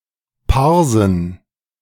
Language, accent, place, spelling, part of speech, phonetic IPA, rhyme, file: German, Germany, Berlin, Parsen, noun, [ˈpaʁzn̩], -aʁzn̩, De-Parsen.ogg
- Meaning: plural of Parse